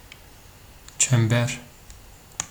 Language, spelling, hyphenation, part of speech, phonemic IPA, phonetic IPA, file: Turkish, çember, çem‧ber, noun, /t͡ʃemˈbeɾ/, [t̠̠͡ʃæm.bæɾ̞̊], Tr tr çember.ogg
- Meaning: 1. an empty circle 2. a kind of simple, circle shaped toy 3. a kind of traditional headscarf worn on the head for warmth, cleanliness or fashion